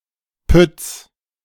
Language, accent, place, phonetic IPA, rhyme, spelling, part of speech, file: German, Germany, Berlin, [pʏt͡s], -ʏt͡s, Pütts, noun, De-Pütts.ogg
- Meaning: genitive singular of Pütt